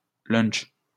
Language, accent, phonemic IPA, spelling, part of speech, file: French, France, /lœ̃ʃ/, lunch, noun, LL-Q150 (fra)-lunch.wav
- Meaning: 1. a lunch, (usually light) meal around noon 2. a light meal with sandwiches, cold cuts, pastry etc. served at a festive reception